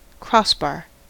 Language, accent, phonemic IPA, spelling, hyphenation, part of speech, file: English, US, /ˈkɹ̠ɑs.bɑɹ/, crossbar, cross‧bar, noun / verb, En-us-crossbar.ogg
- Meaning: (noun) 1. Any transverse bar or piece, such as a bar across a door, or the iron bar or stock which passes through the shank of an anchor 2. The top of the goal structure